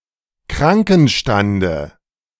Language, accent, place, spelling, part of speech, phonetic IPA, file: German, Germany, Berlin, Krankenstande, noun, [ˈkʁaŋkn̩ˌʃtandə], De-Krankenstande.ogg
- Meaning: dative singular of Krankenstand